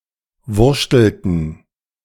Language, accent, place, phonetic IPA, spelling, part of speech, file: German, Germany, Berlin, [ˈvʊʁʃtl̩tn̩], wurschtelten, verb, De-wurschtelten.ogg
- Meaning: inflection of wurschteln: 1. first/third-person plural preterite 2. first/third-person plural subjunctive II